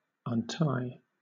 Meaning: 1. To loosen, as something interlaced or knotted; to disengage the parts of 2. To free from fastening or from restraint; to let loose; to unbind 3. To resolve; to unfold; to clear
- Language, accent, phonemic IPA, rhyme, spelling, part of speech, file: English, Southern England, /ʌnˈtaɪ/, -aɪ, untie, verb, LL-Q1860 (eng)-untie.wav